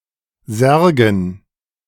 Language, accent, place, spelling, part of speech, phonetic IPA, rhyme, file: German, Germany, Berlin, Särgen, noun, [ˈzɛʁɡn̩], -ɛʁɡn̩, De-Särgen.ogg
- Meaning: dative plural of Sarg